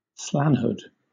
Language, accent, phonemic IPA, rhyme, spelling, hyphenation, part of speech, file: English, Southern England, /ˈslænhʊd/, -ænhʊd, slanhood, slan‧hood, noun, LL-Q1860 (eng)-slanhood.wav
- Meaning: The state of being a science fiction fan